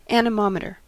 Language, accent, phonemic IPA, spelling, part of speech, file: English, US, /ænɪˈmɑmətɚ/, anemometer, noun, En-us-anemometer.ogg
- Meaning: An instrument for measuring and recording the speed of the wind, a windmeter